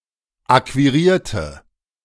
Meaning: inflection of akquirieren: 1. first/third-person singular preterite 2. first/third-person singular subjunctive II
- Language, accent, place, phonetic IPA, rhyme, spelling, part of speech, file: German, Germany, Berlin, [ˌakviˈʁiːɐ̯tə], -iːɐ̯tə, akquirierte, adjective / verb, De-akquirierte.ogg